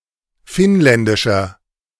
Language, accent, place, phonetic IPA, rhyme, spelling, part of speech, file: German, Germany, Berlin, [ˈfɪnˌlɛndɪʃɐ], -ɪnlɛndɪʃɐ, finnländischer, adjective, De-finnländischer.ogg
- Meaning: inflection of finnländisch: 1. strong/mixed nominative masculine singular 2. strong genitive/dative feminine singular 3. strong genitive plural